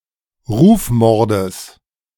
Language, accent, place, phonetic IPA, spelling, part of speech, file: German, Germany, Berlin, [ˈʁuːfˌmɔʁdəs], Rufmordes, noun, De-Rufmordes.ogg
- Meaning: genitive singular of Rufmord